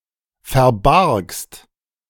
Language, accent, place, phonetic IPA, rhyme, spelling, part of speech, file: German, Germany, Berlin, [fɛɐ̯ˈbaʁkst], -aʁkst, verbargst, verb, De-verbargst.ogg
- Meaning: second-person singular preterite of verbergen